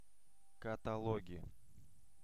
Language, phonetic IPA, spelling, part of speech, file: Russian, [kətɐˈɫoɡʲɪ], каталоги, noun, Ru-каталоги.ogg
- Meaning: nominative/accusative plural of катало́г (katalóg)